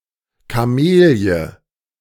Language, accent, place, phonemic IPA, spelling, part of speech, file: German, Germany, Berlin, /kaˈmeːli̯ə/, Kamelie, noun, De-Kamelie.ogg
- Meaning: camellia